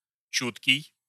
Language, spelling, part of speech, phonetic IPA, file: Russian, чуткий, adjective, [ˈt͡ɕutkʲɪj], Ru-чуткий.ogg
- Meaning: 1. sensitive (of a person, instrument, etc.) 2. sharp, keen (sense of hearing, smell, etc.) 3. sympathetic, thoughtful, tactful 4. light (sleep)